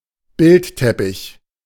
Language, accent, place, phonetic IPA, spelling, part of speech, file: German, Germany, Berlin, [ˈbɪltˌtɛpɪç], Bildteppich, noun, De-Bildteppich.ogg
- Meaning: tapestry (a heavy woven cloth with decorative pictorial designs, normally hung on walls.)